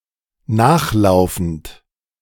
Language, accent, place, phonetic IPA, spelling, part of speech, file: German, Germany, Berlin, [ˈnaːxˌlaʊ̯fn̩t], nachlaufend, verb, De-nachlaufend.ogg
- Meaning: present participle of nachlaufen